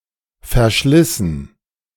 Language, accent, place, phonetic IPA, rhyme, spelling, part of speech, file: German, Germany, Berlin, [fɛɐ̯ˈʃlɪsn̩], -ɪsn̩, verschlissen, adjective / verb, De-verschlissen.ogg
- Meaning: past participle of verschleißen